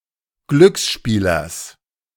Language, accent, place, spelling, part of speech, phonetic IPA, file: German, Germany, Berlin, Glücksspielers, noun, [ˈɡlʏksˌʃpiːlɐs], De-Glücksspielers.ogg
- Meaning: genitive singular of Glücksspieler